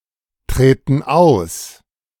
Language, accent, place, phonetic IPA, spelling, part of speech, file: German, Germany, Berlin, [ˌtʁeːtn̩ ˈaʊ̯s], treten aus, verb, De-treten aus.ogg
- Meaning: inflection of austreten: 1. first/third-person plural present 2. first/third-person plural subjunctive I